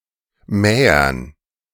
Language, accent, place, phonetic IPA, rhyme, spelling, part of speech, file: German, Germany, Berlin, [ˈmɛːɐn], -ɛːɐn, Mähern, noun, De-Mähern.ogg
- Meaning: dative plural of Mäher